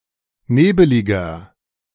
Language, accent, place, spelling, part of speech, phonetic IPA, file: German, Germany, Berlin, nebeliger, adjective, [ˈneːbəlɪɡɐ], De-nebeliger.ogg
- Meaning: inflection of nebelig: 1. strong/mixed nominative masculine singular 2. strong genitive/dative feminine singular 3. strong genitive plural